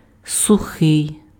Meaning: dry
- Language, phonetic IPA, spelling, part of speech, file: Ukrainian, [sʊˈxɪi̯], сухий, adjective, Uk-сухий.ogg